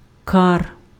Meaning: A cirque — a half-open steep-sided hollow at the head of a valley or on a mountainside, formed by glacial erosion
- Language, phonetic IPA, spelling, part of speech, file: Ukrainian, [kar], кар, noun, Uk-кар.ogg